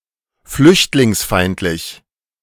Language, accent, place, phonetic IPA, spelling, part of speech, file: German, Germany, Berlin, [ˈflʏçtlɪŋsˌfaɪ̯ntlɪç], flüchtlingsfeindlich, adjective, De-flüchtlingsfeindlich.ogg
- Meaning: hostile to refugees